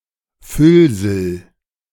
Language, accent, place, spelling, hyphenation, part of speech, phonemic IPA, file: German, Germany, Berlin, Füllsel, Füll‧sel, noun, /ˈfʏlzl̩/, De-Füllsel.ogg
- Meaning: 1. filler, padding 2. filling